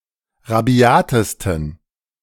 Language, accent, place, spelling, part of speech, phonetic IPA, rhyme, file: German, Germany, Berlin, rabiatesten, adjective, [ʁaˈbi̯aːtəstn̩], -aːtəstn̩, De-rabiatesten.ogg
- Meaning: 1. superlative degree of rabiat 2. inflection of rabiat: strong genitive masculine/neuter singular superlative degree